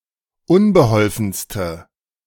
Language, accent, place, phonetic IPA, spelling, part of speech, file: German, Germany, Berlin, [ˈʊnbəˌhɔlfn̩stə], unbeholfenste, adjective, De-unbeholfenste.ogg
- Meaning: inflection of unbeholfen: 1. strong/mixed nominative/accusative feminine singular superlative degree 2. strong nominative/accusative plural superlative degree